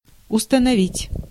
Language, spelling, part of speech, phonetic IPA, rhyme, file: Russian, установить, verb, [ʊstənɐˈvʲitʲ], -itʲ, Ru-установить.ogg
- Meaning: 1. to install, to place, to mount 2. to establish, to set 3. to determine, to fix, to ascertain